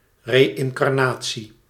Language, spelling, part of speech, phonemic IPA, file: Dutch, reïncarnatie, noun, /ˌreɪŋkɑrˈna(t)si/, Nl-reïncarnatie.ogg
- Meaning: reincarnation